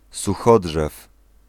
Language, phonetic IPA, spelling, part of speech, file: Polish, [suˈxɔḍʒɛf], suchodrzew, noun, Pl-suchodrzew.ogg